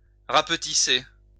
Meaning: to shrink or shorten
- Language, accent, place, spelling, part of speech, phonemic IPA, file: French, France, Lyon, rapetisser, verb, /ʁap.ti.se/, LL-Q150 (fra)-rapetisser.wav